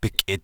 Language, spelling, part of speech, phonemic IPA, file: Navajo, bikʼi, postposition, /pɪ̀kʼɪ̀/, Nv-bikʼi.ogg
- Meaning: upon it, on it